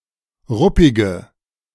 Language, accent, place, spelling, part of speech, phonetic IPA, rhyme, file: German, Germany, Berlin, ruppige, adjective, [ˈʁʊpɪɡə], -ʊpɪɡə, De-ruppige.ogg
- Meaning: inflection of ruppig: 1. strong/mixed nominative/accusative feminine singular 2. strong nominative/accusative plural 3. weak nominative all-gender singular 4. weak accusative feminine/neuter singular